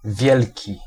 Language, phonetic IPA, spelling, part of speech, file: Polish, [ˈvʲjɛlʲci], wielki, adjective, Pl-wielki.ogg